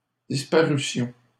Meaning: first-person plural imperfect subjunctive of disparaître
- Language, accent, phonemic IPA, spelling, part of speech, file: French, Canada, /dis.pa.ʁy.sjɔ̃/, disparussions, verb, LL-Q150 (fra)-disparussions.wav